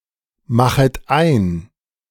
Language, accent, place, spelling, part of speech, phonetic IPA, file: German, Germany, Berlin, machet ein, verb, [ˌmaxət ˈaɪ̯n], De-machet ein.ogg
- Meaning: second-person plural subjunctive I of einmachen